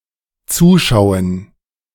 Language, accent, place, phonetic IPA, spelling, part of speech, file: German, Germany, Berlin, [ˈt͡suːˌʃaʊ̯ən], zuschauen, verb, De-zuschauen.ogg
- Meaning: 1. to look on 2. to watch